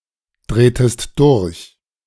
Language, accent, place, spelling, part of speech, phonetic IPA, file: German, Germany, Berlin, drehtest durch, verb, [ˌdʁeːtəst ˈdʊʁç], De-drehtest durch.ogg
- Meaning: inflection of durchdrehen: 1. second-person singular preterite 2. second-person singular subjunctive II